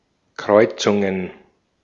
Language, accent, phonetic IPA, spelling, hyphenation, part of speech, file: German, Austria, [ˈkʁɔɪ̯t͡sʊŋən], Kreuzungen, Kreu‧zun‧gen, noun, De-at-Kreuzungen.ogg
- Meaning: plural of Kreuzung